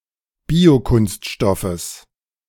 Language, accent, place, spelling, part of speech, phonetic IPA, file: German, Germany, Berlin, Biokunststoffes, noun, [ˈbiːoˌkʊnstʃtɔfəs], De-Biokunststoffes.ogg
- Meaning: genitive singular of Biokunststoff